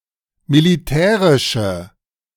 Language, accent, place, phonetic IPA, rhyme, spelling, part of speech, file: German, Germany, Berlin, [miliˈtɛːʁɪʃə], -ɛːʁɪʃə, militärische, adjective, De-militärische.ogg
- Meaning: inflection of militärisch: 1. strong/mixed nominative/accusative feminine singular 2. strong nominative/accusative plural 3. weak nominative all-gender singular